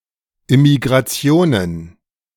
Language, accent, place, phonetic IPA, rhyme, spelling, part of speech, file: German, Germany, Berlin, [ɪmiɡʁaˈt͡si̯oːnən], -oːnən, Immigrationen, noun, De-Immigrationen.ogg
- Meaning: plural of Immigration